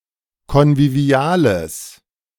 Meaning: strong/mixed nominative/accusative neuter singular of konvivial
- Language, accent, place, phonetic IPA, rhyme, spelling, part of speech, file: German, Germany, Berlin, [kɔnviˈvi̯aːləs], -aːləs, konviviales, adjective, De-konviviales.ogg